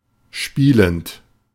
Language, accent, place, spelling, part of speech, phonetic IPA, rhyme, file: German, Germany, Berlin, spielend, adjective / verb, [ˈʃpiːlənt], -iːlənt, De-spielend.ogg
- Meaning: present participle of spielen